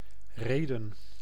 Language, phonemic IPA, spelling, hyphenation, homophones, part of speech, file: Dutch, /ˈreː.də(n)/, Rheden, Rhe‧den, rede / reden, proper noun, Nl-Rheden.ogg
- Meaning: Rheden (a village and municipality of Gelderland, Netherlands)